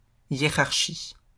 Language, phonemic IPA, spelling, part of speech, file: French, /je.ʁaʁ.ʃi/, hiérarchie, noun, LL-Q150 (fra)-hiérarchie.wav
- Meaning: hierarchy